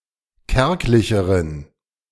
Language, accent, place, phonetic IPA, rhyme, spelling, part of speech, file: German, Germany, Berlin, [ˈkɛʁklɪçəʁən], -ɛʁklɪçəʁən, kärglicheren, adjective, De-kärglicheren.ogg
- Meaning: inflection of kärglich: 1. strong genitive masculine/neuter singular comparative degree 2. weak/mixed genitive/dative all-gender singular comparative degree